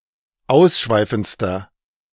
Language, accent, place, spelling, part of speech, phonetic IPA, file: German, Germany, Berlin, ausschweifendster, adjective, [ˈaʊ̯sˌʃvaɪ̯fn̩t͡stɐ], De-ausschweifendster.ogg
- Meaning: inflection of ausschweifend: 1. strong/mixed nominative masculine singular superlative degree 2. strong genitive/dative feminine singular superlative degree